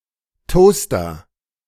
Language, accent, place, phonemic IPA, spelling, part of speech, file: German, Germany, Berlin, /ˈtoːstɐ/, Toaster, noun, De-Toaster.ogg
- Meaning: toaster